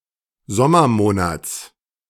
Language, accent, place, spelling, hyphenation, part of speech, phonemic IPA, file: German, Germany, Berlin, Sommermonats, Som‧mer‧mo‧nats, noun, /ˈzɔmɐˌmoːnat͡s/, De-Sommermonats.ogg
- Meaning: genitive singular of Sommermonat